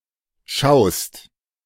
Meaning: second-person singular present of schauen
- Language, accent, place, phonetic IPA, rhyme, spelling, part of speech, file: German, Germany, Berlin, [ʃaʊ̯st], -aʊ̯st, schaust, verb, De-schaust.ogg